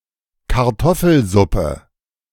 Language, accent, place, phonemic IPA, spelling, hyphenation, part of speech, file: German, Germany, Berlin, /kaʁˈtɔfl̩ˌzʊpə/, Kartoffelsuppe, Kar‧tof‧fel‧sup‧pe, noun, De-Kartoffelsuppe.ogg
- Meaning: potato soup